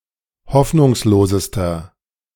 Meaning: inflection of hoffnungslos: 1. strong/mixed nominative masculine singular superlative degree 2. strong genitive/dative feminine singular superlative degree 3. strong genitive plural superlative degree
- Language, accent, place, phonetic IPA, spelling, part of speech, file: German, Germany, Berlin, [ˈhɔfnʊŋsloːzəstɐ], hoffnungslosester, adjective, De-hoffnungslosester.ogg